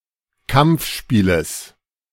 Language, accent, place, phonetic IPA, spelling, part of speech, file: German, Germany, Berlin, [ˈkamp͡fˌʃpiːləs], Kampfspieles, noun, De-Kampfspieles.ogg
- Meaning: genitive of Kampfspiel